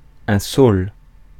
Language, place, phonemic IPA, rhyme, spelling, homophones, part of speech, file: French, Paris, /sol/, -ol, saule, saules, noun, Fr-saule.ogg
- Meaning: willow, willow tree